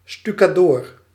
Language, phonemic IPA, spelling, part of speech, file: Dutch, /sty.kaːˈdoːr/, stukadoor, noun, Nl-stukadoor.ogg
- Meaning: plasterer